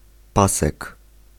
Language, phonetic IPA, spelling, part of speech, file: Polish, [ˈpasɛk], pasek, noun, Pl-pasek.ogg